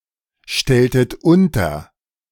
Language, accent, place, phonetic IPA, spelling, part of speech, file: German, Germany, Berlin, [ˌʃtɛltət ˈʊntɐ], stelltet unter, verb, De-stelltet unter.ogg
- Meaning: inflection of unterstellen: 1. second-person plural preterite 2. second-person plural subjunctive II